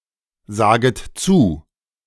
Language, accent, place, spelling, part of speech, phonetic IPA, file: German, Germany, Berlin, saget zu, verb, [ˌzaːɡət ˈt͡suː], De-saget zu.ogg
- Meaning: second-person plural subjunctive I of zusagen